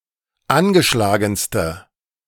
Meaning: inflection of angeschlagen: 1. strong/mixed nominative/accusative feminine singular superlative degree 2. strong nominative/accusative plural superlative degree
- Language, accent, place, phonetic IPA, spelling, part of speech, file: German, Germany, Berlin, [ˈanɡəˌʃlaːɡn̩stə], angeschlagenste, adjective, De-angeschlagenste.ogg